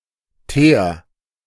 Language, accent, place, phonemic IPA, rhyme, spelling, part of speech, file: German, Germany, Berlin, /teːɐ̯/, -eːɐ̯, Teer, noun, De-Teer.ogg
- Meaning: tar